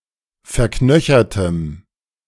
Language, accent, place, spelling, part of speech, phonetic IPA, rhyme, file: German, Germany, Berlin, verknöchertem, adjective, [fɛɐ̯ˈknœçɐtəm], -œçɐtəm, De-verknöchertem.ogg
- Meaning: strong dative masculine/neuter singular of verknöchert